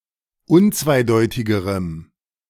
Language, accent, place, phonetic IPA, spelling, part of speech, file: German, Germany, Berlin, [ˈʊnt͡svaɪ̯ˌdɔɪ̯tɪɡəʁəm], unzweideutigerem, adjective, De-unzweideutigerem.ogg
- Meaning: strong dative masculine/neuter singular comparative degree of unzweideutig